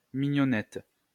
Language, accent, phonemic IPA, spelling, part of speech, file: French, France, /mi.ɲɔ.nɛt/, mignonnette, noun, LL-Q150 (fra)-mignonnette.wav
- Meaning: 1. miniature (small bottle) 2. cracked pepper 3. piece of pork tenderloin